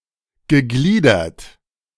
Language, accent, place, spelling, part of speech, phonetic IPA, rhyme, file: German, Germany, Berlin, gegliedert, verb, [ɡəˈɡliːdɐt], -iːdɐt, De-gegliedert.ogg
- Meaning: past participle of gliedern